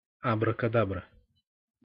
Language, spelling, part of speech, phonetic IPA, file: Russian, абракадабра, noun, [ɐbrəkɐˈdabrə], Ru-абракадабра.ogg
- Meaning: 1. nonsense, gibberish 2. abracadabra